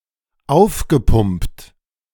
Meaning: past participle of aufpumpen
- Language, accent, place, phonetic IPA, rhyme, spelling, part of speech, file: German, Germany, Berlin, [ˈaʊ̯fɡəˌpʊmpt], -aʊ̯fɡəpʊmpt, aufgepumpt, verb, De-aufgepumpt.ogg